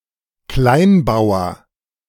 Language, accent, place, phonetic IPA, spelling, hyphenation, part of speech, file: German, Germany, Berlin, [ˈklaɪ̯nˌbaʊ̯ɐ], Kleinbauer, Klein‧bau‧er, noun, De-Kleinbauer.ogg
- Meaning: small farmer, peasant